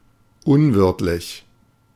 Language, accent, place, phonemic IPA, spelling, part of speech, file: German, Germany, Berlin, /ˈʊnvɪʁtlɪç/, unwirtlich, adjective, De-unwirtlich.ogg
- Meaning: inhospitable